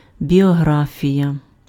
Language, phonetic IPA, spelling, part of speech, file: Ukrainian, [bʲiɔˈɦrafʲijɐ], біографія, noun, Uk-біографія.ogg
- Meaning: biography